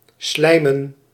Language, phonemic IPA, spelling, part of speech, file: Dutch, /ˈslɛimə(n)/, slijmen, verb / noun, Nl-slijmen.ogg
- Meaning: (verb) to suck up to a person, brownnose; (noun) plural of slijm